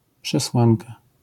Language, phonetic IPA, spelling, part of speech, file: Polish, [pʃɛˈswãnka], przesłanka, noun, LL-Q809 (pol)-przesłanka.wav